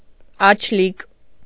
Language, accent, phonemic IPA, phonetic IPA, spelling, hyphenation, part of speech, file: Armenian, Eastern Armenian, /ɑt͡ʃʰˈlik/, [ɑt͡ʃʰlík], աջլիկ, աջ‧լիկ, adjective / noun, Hy-աջլիկ.ogg
- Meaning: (adjective) right-handed; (noun) right-hander (right-handed person)